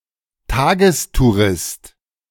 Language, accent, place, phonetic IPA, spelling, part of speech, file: German, Germany, Berlin, [ˈtaːɡəstuˌʁɪst], Tagestourist, noun, De-Tagestourist.ogg
- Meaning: day-tripper (male or of unspecified sex)